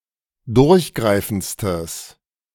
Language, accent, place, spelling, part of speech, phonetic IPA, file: German, Germany, Berlin, durchgreifendstes, adjective, [ˈdʊʁçˌɡʁaɪ̯fn̩t͡stəs], De-durchgreifendstes.ogg
- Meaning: strong/mixed nominative/accusative neuter singular superlative degree of durchgreifend